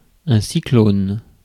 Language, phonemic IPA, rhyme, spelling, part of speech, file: French, /si.klon/, -on, cyclone, noun, Fr-cyclone.ogg
- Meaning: cyclone (rotating system of winds)